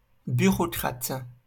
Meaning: bureaucrat
- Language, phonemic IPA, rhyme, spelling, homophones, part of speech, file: French, /by.ʁo.kʁat/, -at, bureaucrate, bureaucrates, noun, LL-Q150 (fra)-bureaucrate.wav